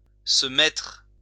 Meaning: 1. to place oneself in a place 2. to become 3. to put on, to wear 4. to begin an activity; to take up
- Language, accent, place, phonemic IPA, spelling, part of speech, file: French, France, Lyon, /sə mɛtʁ/, se mettre, verb, LL-Q150 (fra)-se mettre.wav